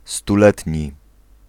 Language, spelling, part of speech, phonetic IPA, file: Polish, stuletni, adjective, [stuˈlɛtʲɲi], Pl-stuletni.ogg